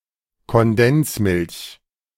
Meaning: 1. evaporated milk 2. condensed milk
- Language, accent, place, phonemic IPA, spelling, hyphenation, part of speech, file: German, Germany, Berlin, /kɔnˈdɛnsˌmɪlç/, Kondensmilch, Kon‧dens‧milch, noun, De-Kondensmilch.ogg